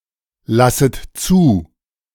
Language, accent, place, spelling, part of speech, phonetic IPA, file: German, Germany, Berlin, lasset zu, verb, [ˌlasət ˈt͡suː], De-lasset zu.ogg
- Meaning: second-person plural subjunctive I of zulassen